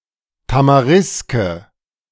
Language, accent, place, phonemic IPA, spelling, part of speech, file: German, Germany, Berlin, /tamaˈʁɪskə/, Tamariske, noun, De-Tamariske.ogg
- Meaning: tamarisk